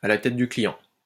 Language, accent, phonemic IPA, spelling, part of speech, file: French, France, /a la tɛt dy kli.jɑ̃/, à la tête du client, adverb, LL-Q150 (fra)-à la tête du client.wav
- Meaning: according to a person's looks, arbitrarily